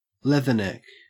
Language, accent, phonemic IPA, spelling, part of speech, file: English, Australia, /ˈlɛð.ə.nɛk/, leatherneck, noun, En-au-leatherneck.ogg
- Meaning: 1. A soldier 2. Specifically, a marine